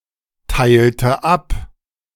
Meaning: inflection of abteilen: 1. first/third-person singular preterite 2. first/third-person singular subjunctive II
- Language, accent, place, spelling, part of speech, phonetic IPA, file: German, Germany, Berlin, teilte ab, verb, [ˌtaɪ̯ltə ˈap], De-teilte ab.ogg